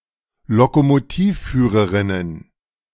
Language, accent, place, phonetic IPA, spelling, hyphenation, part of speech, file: German, Germany, Berlin, [lokomoˈtiːfˌfyːʁəʁɪnən], Lokomotivführerinnen, Lo‧ko‧mo‧tiv‧füh‧re‧rin‧nen, noun, De-Lokomotivführerinnen.ogg
- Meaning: 1. genitive of Lokomotivführerin 2. first-person singular genitive of Lokomotivführerin